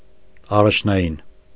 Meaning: 1. prime, initial, primary 2. important, priority, primary
- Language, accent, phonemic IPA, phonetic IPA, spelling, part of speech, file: Armenian, Eastern Armenian, /ɑrɑt͡ʃʰnɑˈjin/, [ɑrɑt͡ʃʰnɑjín], առաջնային, adjective, Hy-առաջնային.ogg